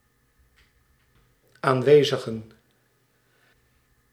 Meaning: plural of aanwezige
- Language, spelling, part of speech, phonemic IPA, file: Dutch, aanwezigen, noun, /ˈaɱwezəɣə(n)/, Nl-aanwezigen.ogg